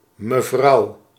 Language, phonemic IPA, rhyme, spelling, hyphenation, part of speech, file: Dutch, /məˈvrɑu̯/, -ɑu̯, mevrouw, me‧vrouw, noun, Nl-mevrouw.ogg
- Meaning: madam, miss